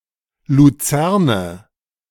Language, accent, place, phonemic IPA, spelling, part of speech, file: German, Germany, Berlin, /ˌluˈt͡sɛʁnə/, Luzerne, noun, De-Luzerne.ogg
- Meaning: lucerne, alfalfa (Medicago sativa)